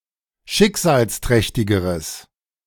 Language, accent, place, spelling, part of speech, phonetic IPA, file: German, Germany, Berlin, schicksalsträchtigeres, adjective, [ˈʃɪkzaːlsˌtʁɛçtɪɡəʁəs], De-schicksalsträchtigeres.ogg
- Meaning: strong/mixed nominative/accusative neuter singular comparative degree of schicksalsträchtig